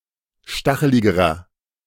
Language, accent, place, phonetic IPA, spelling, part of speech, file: German, Germany, Berlin, [ˈʃtaxəlɪɡəʁɐ], stacheligerer, adjective, De-stacheligerer.ogg
- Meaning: inflection of stachelig: 1. strong/mixed nominative masculine singular comparative degree 2. strong genitive/dative feminine singular comparative degree 3. strong genitive plural comparative degree